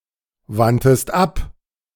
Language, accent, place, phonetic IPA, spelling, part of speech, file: German, Germany, Berlin, [ˌvantəst ˈap], wandtest ab, verb, De-wandtest ab.ogg
- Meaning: second-person singular preterite of abwenden